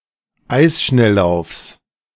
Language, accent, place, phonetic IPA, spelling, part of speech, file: German, Germany, Berlin, [ˈaɪ̯sˌʃnɛllaʊ̯fs], Eisschnelllaufs, noun, De-Eisschnelllaufs.ogg
- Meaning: genitive of Eisschnelllauf